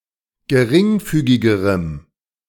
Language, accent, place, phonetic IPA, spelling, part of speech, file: German, Germany, Berlin, [ɡəˈʁɪŋˌfyːɡɪɡəʁəm], geringfügigerem, adjective, De-geringfügigerem.ogg
- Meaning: strong dative masculine/neuter singular comparative degree of geringfügig